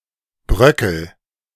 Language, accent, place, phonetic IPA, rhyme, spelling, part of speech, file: German, Germany, Berlin, [ˈbʁœkl̩], -œkl̩, bröckel, verb, De-bröckel.ogg
- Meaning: inflection of bröckeln: 1. first-person singular present 2. singular imperative